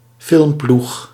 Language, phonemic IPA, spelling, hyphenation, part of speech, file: Dutch, /ˈfɪlm.plux/, filmploeg, film‧ploeg, noun, Nl-filmploeg.ogg
- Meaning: film crew